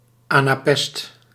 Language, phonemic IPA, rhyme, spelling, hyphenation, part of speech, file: Dutch, /ˌaː.naːˈpɛst/, -ɛst, anapest, ana‧pest, noun, Nl-anapest.ogg
- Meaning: anapest